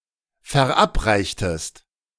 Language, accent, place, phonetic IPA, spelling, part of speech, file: German, Germany, Berlin, [fɛɐ̯ˈʔapˌʁaɪ̯çtəst], verabreichtest, verb, De-verabreichtest.ogg
- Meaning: inflection of verabreichen: 1. second-person singular preterite 2. second-person singular subjunctive II